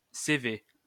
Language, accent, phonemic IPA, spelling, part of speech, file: French, France, /se.ve/, CV, noun, LL-Q150 (fra)-CV.wav
- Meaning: 1. initialism of curriculum vitæ 2. abbreviation of cheval fiscal (“tax horsepower”) 3. initialism of cheval-vapeur (“metric horsepower”)